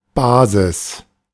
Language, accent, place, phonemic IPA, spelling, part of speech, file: German, Germany, Berlin, /ˈbaːzɪs/, Basis, noun, De-Basis.ogg
- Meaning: 1. basis (foundation, principle) 2. base 3. local organization of a party, the grass roots 4. base of a surface 5. base of a power